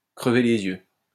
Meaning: to be plain as the nose on one's face, to stick out a mile, to be obvious, conspicuous, visible, plain for all to see; to jump out
- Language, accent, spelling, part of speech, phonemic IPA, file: French, France, crever les yeux, verb, /kʁə.ve le.z‿jø/, LL-Q150 (fra)-crever les yeux.wav